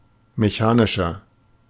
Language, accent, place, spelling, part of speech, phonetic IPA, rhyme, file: German, Germany, Berlin, mechanischer, adjective, [meˈçaːnɪʃɐ], -aːnɪʃɐ, De-mechanischer.ogg
- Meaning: 1. comparative degree of mechanisch 2. inflection of mechanisch: strong/mixed nominative masculine singular 3. inflection of mechanisch: strong genitive/dative feminine singular